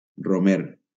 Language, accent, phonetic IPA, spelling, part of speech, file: Catalan, Valencia, [roˈmeɾ], romer, noun, LL-Q7026 (cat)-romer.wav
- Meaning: 1. rosemary (Salvia rosmarinus, syn. Rosmarinus officinalis) 2. pilgrim